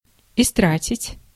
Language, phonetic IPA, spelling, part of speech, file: Russian, [ɪˈstratʲɪtʲ], истратить, verb, Ru-истратить.ogg
- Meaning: to spend, to expend, to waste